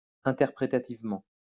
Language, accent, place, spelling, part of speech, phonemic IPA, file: French, France, Lyon, interprétativement, adverb, /ɛ̃.tɛʁ.pʁe.ta.tiv.mɑ̃/, LL-Q150 (fra)-interprétativement.wav
- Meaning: interpretively